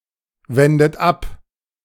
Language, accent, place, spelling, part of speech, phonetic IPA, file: German, Germany, Berlin, wendet ab, verb, [ˌvɛndət ˈap], De-wendet ab.ogg
- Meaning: inflection of abwenden: 1. second-person plural present 2. third-person singular present 3. plural imperative